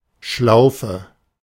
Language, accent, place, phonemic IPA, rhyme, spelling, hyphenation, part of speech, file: German, Germany, Berlin, /ˈʃlaʊ̯fə/, -aʊ̯fə, Schlaufe, Schlau‧fe, noun, De-Schlaufe.ogg
- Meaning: 1. loop, noose (string formed into a ring) 2. strap (such a loop functioning as a hanger) 3. obsolete form of Schleife (“bow, tie”)